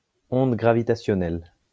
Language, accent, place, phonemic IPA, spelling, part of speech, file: French, France, Lyon, /ɔ̃d ɡʁa.vi.ta.sjɔ.nɛl/, onde gravitationnelle, noun, LL-Q150 (fra)-onde gravitationnelle.wav
- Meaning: gravitational wave